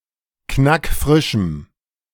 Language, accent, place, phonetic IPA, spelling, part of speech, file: German, Germany, Berlin, [ˈknakˈfʁɪʃm̩], knackfrischem, adjective, De-knackfrischem.ogg
- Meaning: strong dative masculine/neuter singular of knackfrisch